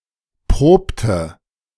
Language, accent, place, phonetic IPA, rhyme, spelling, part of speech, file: German, Germany, Berlin, [ˈpʁoːptə], -oːptə, probte, verb, De-probte.ogg
- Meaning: inflection of proben: 1. first/third-person singular preterite 2. first/third-person singular subjunctive II